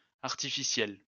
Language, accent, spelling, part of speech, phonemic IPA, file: French, France, artificiels, adjective, /aʁ.ti.fi.sjɛl/, LL-Q150 (fra)-artificiels.wav
- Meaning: masculine plural of artificiel